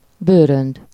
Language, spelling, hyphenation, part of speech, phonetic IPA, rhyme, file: Hungarian, bőrönd, bő‧rönd, noun, [ˈbøːrønd], -ønd, Hu-bőrönd.ogg
- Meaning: suitcase